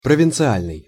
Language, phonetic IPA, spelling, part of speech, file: Russian, [prəvʲɪnt͡sɨˈalʲnɨj], провинциальный, adjective, Ru-провинциальный.ogg
- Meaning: provincial